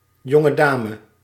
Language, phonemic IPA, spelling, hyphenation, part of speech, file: Dutch, /ˌjɔ.ŋəˈdaː.mə/, jongedame, jon‧ge‧da‧me, noun, Nl-jongedame.ogg
- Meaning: miss, young lady